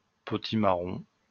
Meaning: red kuri squash (cultivar of species Cucurbita maxima)
- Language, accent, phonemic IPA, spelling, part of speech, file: French, France, /pɔ.ti.ma.ʁɔ̃/, potimarron, noun, LL-Q150 (fra)-potimarron.wav